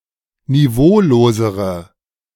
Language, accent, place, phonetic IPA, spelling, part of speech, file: German, Germany, Berlin, [niˈvoːloːzəʁə], niveaulosere, adjective, De-niveaulosere.ogg
- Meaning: inflection of niveaulos: 1. strong/mixed nominative/accusative feminine singular comparative degree 2. strong nominative/accusative plural comparative degree